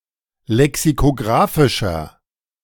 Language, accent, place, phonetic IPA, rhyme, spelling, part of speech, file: German, Germany, Berlin, [lɛksikoˈɡʁaːfɪʃɐ], -aːfɪʃɐ, lexikographischer, adjective, De-lexikographischer.ogg
- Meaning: inflection of lexikographisch: 1. strong/mixed nominative masculine singular 2. strong genitive/dative feminine singular 3. strong genitive plural